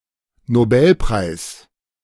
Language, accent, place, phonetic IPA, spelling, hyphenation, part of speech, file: German, Germany, Berlin, [noˈbɛlˌpʁaɪ̯s], Nobelpreis, No‧bel‧preis, noun, De-Nobelpreis.ogg
- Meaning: Nobel Prize